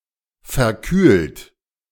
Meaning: 1. past participle of verkühlen 2. inflection of verkühlen: second-person plural present 3. inflection of verkühlen: third-person singular present 4. inflection of verkühlen: plural imperative
- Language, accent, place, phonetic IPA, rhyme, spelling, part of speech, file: German, Germany, Berlin, [fɛɐ̯ˈkyːlt], -yːlt, verkühlt, verb, De-verkühlt.ogg